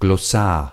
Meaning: glossary
- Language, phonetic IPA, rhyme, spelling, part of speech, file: German, [ɡlɔˈsaːɐ̯], -aːɐ̯, Glossar, noun, De-Glossar.ogg